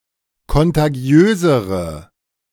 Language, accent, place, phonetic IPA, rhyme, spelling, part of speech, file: German, Germany, Berlin, [kɔntaˈɡi̯øːzəʁə], -øːzəʁə, kontagiösere, adjective, De-kontagiösere.ogg
- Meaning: inflection of kontagiös: 1. strong/mixed nominative/accusative feminine singular comparative degree 2. strong nominative/accusative plural comparative degree